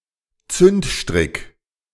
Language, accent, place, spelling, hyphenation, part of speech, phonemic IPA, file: German, Germany, Berlin, Zündstrick, Zünd‧strick, noun, /ˈtsʏntˌʃtʁɪk/, De-Zündstrick.ogg
- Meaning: fuse